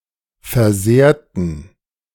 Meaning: inflection of versehren: 1. first/third-person plural preterite 2. first/third-person plural subjunctive II
- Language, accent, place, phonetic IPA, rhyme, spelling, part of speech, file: German, Germany, Berlin, [fɛɐ̯ˈzeːɐ̯tn̩], -eːɐ̯tn̩, versehrten, adjective / verb, De-versehrten.ogg